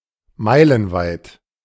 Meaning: miles-wide (for miles)
- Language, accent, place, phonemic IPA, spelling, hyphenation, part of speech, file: German, Germany, Berlin, /ˈmaɪ̯lənˌvaɪ̯t/, meilenweit, mei‧len‧weit, adjective, De-meilenweit.ogg